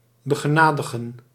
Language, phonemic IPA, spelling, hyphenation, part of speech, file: Dutch, /bə.ɣəˈnaː.də.ɣə(n)/, begenadigen, be‧ge‧na‧di‧gen, verb, Nl-begenadigen.ogg
- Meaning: 1. to grace [with met ‘with’], to gracefully give [with met] (giving something that is considered a blessing) 2. to pardon